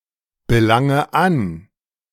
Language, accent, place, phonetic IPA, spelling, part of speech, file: German, Germany, Berlin, [bəˌlaŋə ˈan], belange an, verb, De-belange an.ogg
- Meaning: inflection of anbelangen: 1. first-person singular present 2. first/third-person singular subjunctive I 3. singular imperative